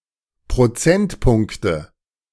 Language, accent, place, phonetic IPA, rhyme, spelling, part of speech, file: German, Germany, Berlin, [pʁoˈt͡sɛntˌpʊŋktə], -ɛntpʊŋktə, Prozentpunkte, noun, De-Prozentpunkte.ogg
- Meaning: nominative/accusative/genitive plural of Prozentpunkt